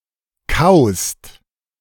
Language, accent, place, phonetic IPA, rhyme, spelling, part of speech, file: German, Germany, Berlin, [kaʊ̯st], -aʊ̯st, kaust, verb, De-kaust.ogg
- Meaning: second-person singular present of kauen